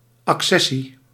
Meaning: 1. accession, the act of joining or acceding 2. accession, the automatic acquisition of property through ownership of related property
- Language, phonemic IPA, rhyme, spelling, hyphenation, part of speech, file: Dutch, /ɑkˈsɛ.si/, -ɛsi, accessie, ac‧ces‧sie, noun, Nl-accessie.ogg